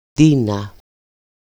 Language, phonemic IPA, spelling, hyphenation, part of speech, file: Greek, /ˈdi.na/, Ντίνα, Ντί‧να, proper noun, EL-Ντίνα.ogg
- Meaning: shortened, everyday form of Κωνσταντίνα, Constantina